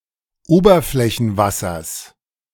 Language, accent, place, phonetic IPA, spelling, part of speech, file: German, Germany, Berlin, [ˈoːbɐflɛçn̩ˌvasɐs], Oberflächenwassers, noun, De-Oberflächenwassers.ogg
- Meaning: genitive singular of Oberflächenwasser